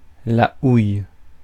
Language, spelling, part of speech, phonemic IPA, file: French, houille, noun, /uj/, Fr-houille.ogg
- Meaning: stone coal, mineral coal